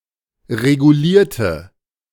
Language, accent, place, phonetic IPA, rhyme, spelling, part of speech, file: German, Germany, Berlin, [ʁeɡuˈliːɐ̯tə], -iːɐ̯tə, regulierte, adjective / verb, De-regulierte.ogg
- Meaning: inflection of regulieren: 1. first/third-person singular preterite 2. first/third-person singular subjunctive II